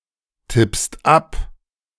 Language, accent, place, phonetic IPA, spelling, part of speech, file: German, Germany, Berlin, [ˌtɪpst ˈap], tippst ab, verb, De-tippst ab.ogg
- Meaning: second-person singular present of abtippen